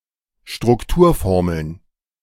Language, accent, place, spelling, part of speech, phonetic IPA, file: German, Germany, Berlin, Strukturformeln, noun, [ʃtʁʊkˈtuːɐ̯ˌfɔʁml̩n], De-Strukturformeln.ogg
- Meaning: plural of Strukturformel